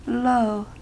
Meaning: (interjection) look, see, behold (in an imperative sense); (adjective) Informal spelling of low; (interjection) Clipping of hello; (noun) Clipping of location; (particle) Alternative form of lol
- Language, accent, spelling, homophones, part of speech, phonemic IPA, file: English, US, lo, low, interjection / adjective / noun / particle, /loʊ/, En-us-lo.ogg